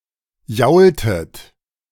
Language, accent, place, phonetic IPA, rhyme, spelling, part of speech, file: German, Germany, Berlin, [ˈjaʊ̯ltət], -aʊ̯ltət, jaultet, verb, De-jaultet.ogg
- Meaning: inflection of jaulen: 1. second-person plural preterite 2. second-person plural subjunctive II